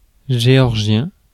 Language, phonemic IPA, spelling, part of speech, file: French, /ʒe.ɔʁ.ʒjɛ̃/, géorgien, noun / adjective, Fr-géorgien.ogg
- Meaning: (noun) Georgian, the Georgian language; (adjective) 1. of Georgia (country); Georgian 2. of Georgia (US state); Georgian